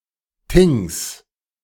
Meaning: genitive of Thing
- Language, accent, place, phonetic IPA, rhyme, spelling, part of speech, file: German, Germany, Berlin, [tɪŋs], -ɪŋs, Things, noun, De-Things.ogg